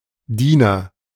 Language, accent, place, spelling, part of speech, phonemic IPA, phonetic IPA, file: German, Germany, Berlin, Diener, noun, /ˈdiːnəʁ/, [ˈdiːnɐ], De-Diener.ogg
- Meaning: agent noun of dienen; servant